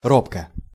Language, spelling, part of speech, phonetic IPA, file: Russian, робко, adverb / adjective, [ˈropkə], Ru-робко.ogg
- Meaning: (adverb) shyly (in a shy manner); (adjective) short neuter singular of ро́бкий (róbkij)